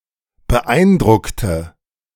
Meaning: inflection of beeindrucken: 1. first/third-person singular preterite 2. first/third-person singular subjunctive II
- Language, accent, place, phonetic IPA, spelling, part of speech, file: German, Germany, Berlin, [bəˈʔaɪ̯nˌdʁʊktə], beeindruckte, adjective / verb, De-beeindruckte.ogg